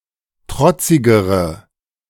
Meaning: inflection of trotzig: 1. strong/mixed nominative/accusative feminine singular comparative degree 2. strong nominative/accusative plural comparative degree
- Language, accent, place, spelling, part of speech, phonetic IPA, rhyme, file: German, Germany, Berlin, trotzigere, adjective, [ˈtʁɔt͡sɪɡəʁə], -ɔt͡sɪɡəʁə, De-trotzigere.ogg